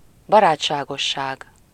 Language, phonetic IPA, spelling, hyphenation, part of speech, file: Hungarian, [ˈbɒraːt͡ʃːaːɡoʃːaːɡ], barátságosság, ba‧rát‧sá‧gos‧ság, noun, Hu-barátságosság.ogg
- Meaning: friendliness